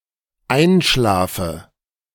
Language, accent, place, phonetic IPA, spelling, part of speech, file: German, Germany, Berlin, [ˈaɪ̯nˌʃlaːfə], einschlafe, verb, De-einschlafe.ogg
- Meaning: inflection of einschlafen: 1. first-person singular dependent present 2. first/third-person singular dependent subjunctive I